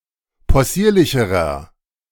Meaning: inflection of possierlich: 1. strong/mixed nominative masculine singular comparative degree 2. strong genitive/dative feminine singular comparative degree 3. strong genitive plural comparative degree
- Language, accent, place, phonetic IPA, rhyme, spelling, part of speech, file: German, Germany, Berlin, [pɔˈsiːɐ̯lɪçəʁɐ], -iːɐ̯lɪçəʁɐ, possierlicherer, adjective, De-possierlicherer.ogg